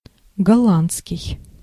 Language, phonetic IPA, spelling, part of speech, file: Russian, [ɡɐˈɫan(t)skʲɪj], голландский, adjective / noun, Ru-голландский.ogg
- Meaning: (adjective) Dutch; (noun) the Dutch language (short for голла́ндский язы́к (gollándskij jazýk))